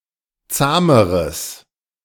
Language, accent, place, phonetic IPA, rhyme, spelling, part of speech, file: German, Germany, Berlin, [ˈt͡saːməʁəs], -aːməʁəs, zahmeres, adjective, De-zahmeres.ogg
- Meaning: strong/mixed nominative/accusative neuter singular comparative degree of zahm